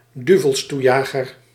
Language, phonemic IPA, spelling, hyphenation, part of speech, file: Dutch, /ˈdy.vəlsˌtu.jaː.ɣər/, duvelstoejager, du‧vels‧toe‧ja‧ger, noun, Nl-duvelstoejager.ogg
- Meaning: 1. jack of all trades, factotum 2. heavy slip hook onto which the end of the anchor chain is locked